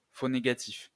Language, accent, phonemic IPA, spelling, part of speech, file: French, France, /fo ne.ɡa.tif/, faux négatif, noun, LL-Q150 (fra)-faux négatif.wav
- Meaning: false negative